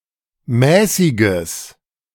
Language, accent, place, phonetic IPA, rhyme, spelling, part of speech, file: German, Germany, Berlin, [ˈmɛːsɪɡəs], -ɛːsɪɡəs, mäßiges, adjective, De-mäßiges.ogg
- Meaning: strong/mixed nominative/accusative neuter singular of mäßig